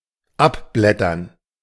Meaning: to chip off, to peel off, to flake off
- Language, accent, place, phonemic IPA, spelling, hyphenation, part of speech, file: German, Germany, Berlin, /ˈʔapˌblɛtɐn/, abblättern, ab‧blät‧tern, verb, De-abblättern.ogg